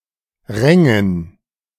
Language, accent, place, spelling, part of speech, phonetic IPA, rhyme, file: German, Germany, Berlin, Rängen, noun, [ˈʁɛŋən], -ɛŋən, De-Rängen.ogg
- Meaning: dative plural of Rang